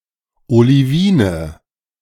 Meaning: nominative/accusative/genitive plural of Olivin
- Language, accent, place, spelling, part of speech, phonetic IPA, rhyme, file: German, Germany, Berlin, Olivine, noun, [oliˈviːnə], -iːnə, De-Olivine.ogg